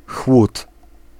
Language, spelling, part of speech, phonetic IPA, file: Polish, chłód, noun, [xwut], Pl-chłód.ogg